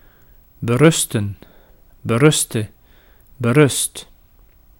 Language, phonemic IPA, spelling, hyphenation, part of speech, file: Dutch, /bəˈrʏstə(n)/, berusten, be‧rus‧ten, verb, Nl-berusten.ogg
- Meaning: 1. to rest, depend 2. to resign oneself, to be resigned [with in ‘to’], to accept after resisting; settle for